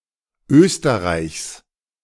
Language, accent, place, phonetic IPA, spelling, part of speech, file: German, Germany, Berlin, [ˈøːstəʁaɪ̯çs], Österreichs, noun, De-Österreichs.ogg
- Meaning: genitive singular of Österreich